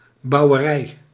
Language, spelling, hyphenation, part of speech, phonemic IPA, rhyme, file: Dutch, bouwerij, bou‧we‧rij, noun, /ˌbɑu̯.(ʋ)əˈrɛi̯/, -ɛi̯, Nl-bouwerij.ogg
- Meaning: 1. farm 2. agriculture 3. construction